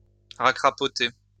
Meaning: to curl up
- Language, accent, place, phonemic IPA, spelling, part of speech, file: French, France, Lyon, /ʁa.kʁa.pɔ.te/, racrapoter, verb, LL-Q150 (fra)-racrapoter.wav